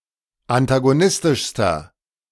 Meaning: inflection of antagonistisch: 1. strong/mixed nominative masculine singular superlative degree 2. strong genitive/dative feminine singular superlative degree
- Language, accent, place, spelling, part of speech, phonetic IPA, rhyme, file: German, Germany, Berlin, antagonistischster, adjective, [antaɡoˈnɪstɪʃstɐ], -ɪstɪʃstɐ, De-antagonistischster.ogg